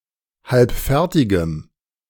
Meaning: strong dative masculine/neuter singular of halbfertig
- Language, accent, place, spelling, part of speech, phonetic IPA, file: German, Germany, Berlin, halbfertigem, adjective, [ˈhalpˌfɛʁtɪɡəm], De-halbfertigem.ogg